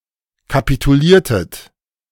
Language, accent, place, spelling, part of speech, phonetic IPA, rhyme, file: German, Germany, Berlin, kapituliertet, verb, [kapituˈliːɐ̯tət], -iːɐ̯tət, De-kapituliertet.ogg
- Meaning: inflection of kapitulieren: 1. second-person plural preterite 2. second-person plural subjunctive II